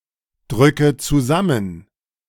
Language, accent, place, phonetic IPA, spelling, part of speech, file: German, Germany, Berlin, [ˌdʁʏkə t͡suˈzamən], drücke zusammen, verb, De-drücke zusammen.ogg
- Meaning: inflection of zusammendrücken: 1. first-person singular present 2. first/third-person singular subjunctive I 3. singular imperative